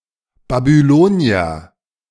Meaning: a Babylonian
- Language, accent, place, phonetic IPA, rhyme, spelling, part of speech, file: German, Germany, Berlin, [babyˈloːni̯ɐ], -oːni̯ɐ, Babylonier, noun, De-Babylonier.ogg